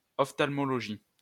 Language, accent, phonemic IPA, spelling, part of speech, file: French, France, /ɔf.tal.mɔ.lɔ.ʒi/, ophtalmologie, noun, LL-Q150 (fra)-ophtalmologie.wav
- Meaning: ophthalmology